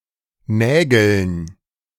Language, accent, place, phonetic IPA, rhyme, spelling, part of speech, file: German, Germany, Berlin, [ˈnɛːɡl̩n], -ɛːɡl̩n, Nägeln, noun, De-Nägeln.ogg
- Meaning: dative plural of Nagel